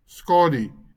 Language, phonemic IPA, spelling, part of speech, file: Afrikaans, /ˈskɑː.dy/, skadu, noun, LL-Q14196 (afr)-skadu.wav
- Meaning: alternative form of skaduwee (“shadow”)